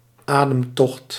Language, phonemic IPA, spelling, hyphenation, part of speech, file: Dutch, /ˈaː.dəmˌtɔxt/, ademtocht, adem‧tocht, noun, Nl-ademtocht.ogg
- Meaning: 1. breath, act of inhalation 2. airflow, breath of air